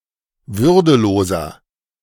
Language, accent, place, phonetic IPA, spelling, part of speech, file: German, Germany, Berlin, [ˈvʏʁdəˌloːzɐ], würdeloser, adjective, De-würdeloser.ogg
- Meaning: 1. comparative degree of würdelos 2. inflection of würdelos: strong/mixed nominative masculine singular 3. inflection of würdelos: strong genitive/dative feminine singular